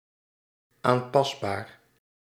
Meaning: adjustable
- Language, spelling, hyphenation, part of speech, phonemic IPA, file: Dutch, aanpasbaar, aan‧pas‧baar, adjective, /ˌaːnˈpɑs.baːr/, Nl-aanpasbaar.ogg